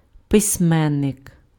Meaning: writer
- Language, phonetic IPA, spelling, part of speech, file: Ukrainian, [pesʲˈmɛnːek], письменник, noun, Uk-письменник.ogg